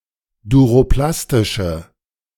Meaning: inflection of duroplastisch: 1. strong/mixed nominative/accusative feminine singular 2. strong nominative/accusative plural 3. weak nominative all-gender singular
- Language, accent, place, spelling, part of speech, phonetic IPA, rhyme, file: German, Germany, Berlin, duroplastische, adjective, [duʁoˈplastɪʃə], -astɪʃə, De-duroplastische.ogg